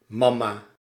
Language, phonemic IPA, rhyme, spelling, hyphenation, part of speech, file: Dutch, /ˈmɑ.maː/, -ɑmaː, mamma, mam‧ma, noun, Nl-mamma.ogg
- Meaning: 1. alternative form of mama 2. mamma, breast